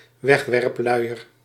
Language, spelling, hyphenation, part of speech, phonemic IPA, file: Dutch, wegwerpluier, weg‧werp‧lui‧er, noun, /ˈʋɛx.ʋɛrpˌlœy̯.ər/, Nl-wegwerpluier.ogg
- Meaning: a disposable nappy, a disposable diaper